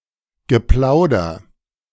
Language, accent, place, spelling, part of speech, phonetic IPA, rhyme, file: German, Germany, Berlin, Geplauder, noun, [ɡəˈplaʊ̯dɐ], -aʊ̯dɐ, De-Geplauder.ogg
- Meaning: small talk, chatter